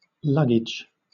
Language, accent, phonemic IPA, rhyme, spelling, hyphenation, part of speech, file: English, Southern England, /ˈlʌɡ.ɪdʒ/, -ɪdʒ, luggage, lug‧gage, noun, LL-Q1860 (eng)-luggage.wav
- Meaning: 1. The bags and other containers that hold a traveller's belongings 2. The contents of such containers 3. A specific bag or container holding a traveller's belongings